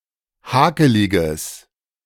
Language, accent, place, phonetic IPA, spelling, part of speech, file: German, Germany, Berlin, [ˈhaːkəlɪɡəs], hakeliges, adjective, De-hakeliges.ogg
- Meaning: strong/mixed nominative/accusative neuter singular of hakelig